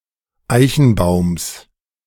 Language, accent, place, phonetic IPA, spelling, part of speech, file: German, Germany, Berlin, [ˈaɪ̯çn̩ˌbaʊ̯ms], Eichenbaums, noun, De-Eichenbaums.ogg
- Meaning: genitive singular of Eichenbaum